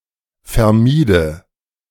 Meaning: first/third-person singular subjunctive II of vermeiden
- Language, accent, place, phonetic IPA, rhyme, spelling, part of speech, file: German, Germany, Berlin, [fɛɐ̯ˈmiːdə], -iːdə, vermiede, verb, De-vermiede.ogg